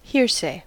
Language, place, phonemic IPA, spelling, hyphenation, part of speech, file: English, California, /ˈhɪɹˌseɪ/, hearsay, hear‧say, noun, En-us-hearsay.ogg
- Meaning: Information that was heard by one person about another that cannot be adequately substantiated